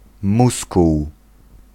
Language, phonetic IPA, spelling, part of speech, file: Polish, [ˈmuskuw], muskuł, noun, Pl-muskuł.ogg